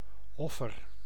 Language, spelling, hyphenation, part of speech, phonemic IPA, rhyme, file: Dutch, offer, of‧fer, noun / verb, /ˈɔfər/, -ɔfər, Nl-offer.ogg
- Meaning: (noun) 1. sacrifice, offering 2. victim; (verb) inflection of offeren: 1. first-person singular present indicative 2. second-person singular present indicative 3. imperative